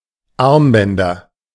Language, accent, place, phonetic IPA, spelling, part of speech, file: German, Germany, Berlin, [ˈaʁmˌbɛndɐ], Armbänder, noun, De-Armbänder.ogg
- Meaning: nominative/accusative/genitive plural of Armband